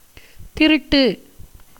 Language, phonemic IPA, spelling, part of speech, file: Tamil, /t̪ɪɾʊʈːɯ/, திருட்டு, adjective / noun, Ta-திருட்டு.ogg
- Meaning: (adjective) 1. illegal, illicit, surreptitious 2. thievish, stealthy; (noun) 1. theft, robbery 2. fraud, deception